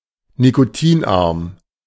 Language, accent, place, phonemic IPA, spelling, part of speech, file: German, Germany, Berlin, /nikoˈtiːnˌʔaʁm/, nikotinarm, adjective, De-nikotinarm.ogg
- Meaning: low-nicotine